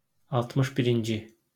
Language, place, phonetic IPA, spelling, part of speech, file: Azerbaijani, Baku, [ɑltˌmɯʃ biɾinˈd͡ʒi], altmış birinci, numeral, LL-Q9292 (aze)-altmış birinci.wav
- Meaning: sixty-first